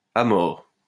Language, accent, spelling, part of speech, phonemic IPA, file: French, France, à mort, adverb, /a mɔʁ/, LL-Q150 (fra)-à mort.wav
- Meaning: 1. to death 2. very, extremely, as hell